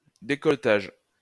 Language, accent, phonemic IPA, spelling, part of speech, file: French, France, /de.kɔl.taʒ/, décolletage, noun, LL-Q150 (fra)-décolletage.wav
- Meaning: 1. neckline, décolletage 2. undercutting 3. topping